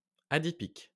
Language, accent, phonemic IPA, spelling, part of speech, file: French, France, /a.di.pik/, adipique, adjective, LL-Q150 (fra)-adipique.wav
- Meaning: adipic